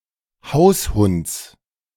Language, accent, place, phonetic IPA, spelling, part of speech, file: German, Germany, Berlin, [ˈhaʊ̯sˌhʊnt͡s], Haushunds, noun, De-Haushunds.ogg
- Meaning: genitive singular of Haushund